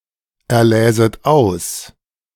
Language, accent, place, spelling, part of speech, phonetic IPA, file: German, Germany, Berlin, erläset aus, verb, [ɛɐ̯ˌlɛːzət ˈaʊ̯s], De-erläset aus.ogg
- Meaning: second-person plural subjunctive II of auserlesen